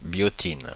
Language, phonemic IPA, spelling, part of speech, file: French, /bjɔ.tin/, biotine, noun, Fr-biotine.oga
- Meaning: biotin